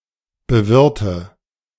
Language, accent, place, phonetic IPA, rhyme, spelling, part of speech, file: German, Germany, Berlin, [bəˈvɪʁtə], -ɪʁtə, bewirte, verb, De-bewirte.ogg
- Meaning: inflection of bewirten: 1. first-person singular present 2. first/third-person singular subjunctive I 3. singular imperative